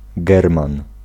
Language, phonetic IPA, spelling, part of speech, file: Polish, [ˈɡɛrmãn], german, noun, Pl-german.ogg